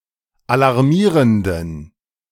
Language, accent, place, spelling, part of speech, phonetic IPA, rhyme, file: German, Germany, Berlin, alarmierenden, adjective, [alaʁˈmiːʁəndn̩], -iːʁəndn̩, De-alarmierenden.ogg
- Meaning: inflection of alarmierend: 1. strong genitive masculine/neuter singular 2. weak/mixed genitive/dative all-gender singular 3. strong/weak/mixed accusative masculine singular 4. strong dative plural